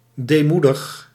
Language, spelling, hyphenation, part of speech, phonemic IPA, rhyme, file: Dutch, deemoedig, dee‧moe‧dig, adjective / verb, /ˌdeːˈmu.dəx/, -udəx, Nl-deemoedig.ogg
- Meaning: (adjective) humble, modest, meek; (verb) inflection of deemoedigen: 1. first-person singular present indicative 2. second-person singular present indicative 3. imperative